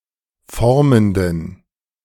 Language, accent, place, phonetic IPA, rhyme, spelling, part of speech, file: German, Germany, Berlin, [ˈfɔʁməndn̩], -ɔʁməndn̩, formenden, adjective, De-formenden.ogg
- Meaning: inflection of formend: 1. strong genitive masculine/neuter singular 2. weak/mixed genitive/dative all-gender singular 3. strong/weak/mixed accusative masculine singular 4. strong dative plural